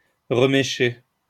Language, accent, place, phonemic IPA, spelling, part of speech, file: French, France, Lyon, /ʁə.me.ʃe/, remécher, verb, LL-Q150 (fra)-remécher.wav
- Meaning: to rehair